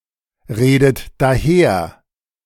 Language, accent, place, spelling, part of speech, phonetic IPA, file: German, Germany, Berlin, redet daher, verb, [ˌʁeːdət daˈheːɐ̯], De-redet daher.ogg
- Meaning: third-person singular present of daherreden